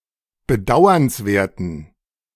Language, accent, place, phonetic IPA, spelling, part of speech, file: German, Germany, Berlin, [bəˈdaʊ̯ɐnsˌveːɐ̯tn̩], bedauernswerten, adjective, De-bedauernswerten.ogg
- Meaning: inflection of bedauernswert: 1. strong genitive masculine/neuter singular 2. weak/mixed genitive/dative all-gender singular 3. strong/weak/mixed accusative masculine singular 4. strong dative plural